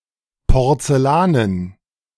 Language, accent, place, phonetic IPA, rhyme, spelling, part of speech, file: German, Germany, Berlin, [pɔʁt͡sɛˈlaːnən], -aːnən, porzellanen, adjective, De-porzellanen.ogg
- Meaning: porcelain